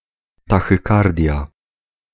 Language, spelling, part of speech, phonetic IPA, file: Polish, tachykardia, noun, [ˌtaxɨˈkardʲja], Pl-tachykardia.ogg